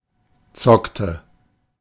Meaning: inflection of zocken: 1. first/third-person singular preterite 2. first/third-person singular subjunctive II
- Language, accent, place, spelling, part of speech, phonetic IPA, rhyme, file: German, Germany, Berlin, zockte, verb, [ˈt͡sɔktə], -ɔktə, De-zockte.ogg